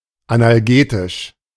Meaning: analgesic (pain-reducing; of or relating to analgesia)
- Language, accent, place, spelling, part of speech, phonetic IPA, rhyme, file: German, Germany, Berlin, analgetisch, adjective, [anʔalˈɡeːtɪʃ], -eːtɪʃ, De-analgetisch.ogg